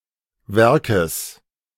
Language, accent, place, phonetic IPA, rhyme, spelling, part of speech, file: German, Germany, Berlin, [ˈvɛʁkəs], -ɛʁkəs, Werkes, noun, De-Werkes.ogg
- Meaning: genitive singular of Werk